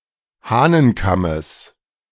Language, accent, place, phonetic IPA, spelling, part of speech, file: German, Germany, Berlin, [ˈhaːnənˌkaməs], Hahnenkammes, noun, De-Hahnenkammes.ogg
- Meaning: genitive of Hahnenkamm